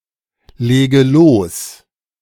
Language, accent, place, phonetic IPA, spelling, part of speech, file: German, Germany, Berlin, [ˌleːɡə ˈloːs], lege los, verb, De-lege los.ogg
- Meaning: inflection of loslegen: 1. first-person singular present 2. first/third-person singular subjunctive I 3. singular imperative